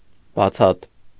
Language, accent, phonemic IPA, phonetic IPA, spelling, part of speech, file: Armenian, Eastern Armenian, /bɑˈt͡sʰɑt/, [bɑt͡sʰɑ́t], բացատ, noun, Hy-բացատ.ogg
- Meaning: 1. clearing, glade (in a forest) 2. rupture, rift 3. omission 4. letter-spacing